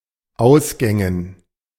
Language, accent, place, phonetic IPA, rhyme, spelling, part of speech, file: German, Germany, Berlin, [ˈaʊ̯sɡɛŋən], -aʊ̯sɡɛŋən, Ausgängen, noun, De-Ausgängen.ogg
- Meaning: dative plural of Ausgang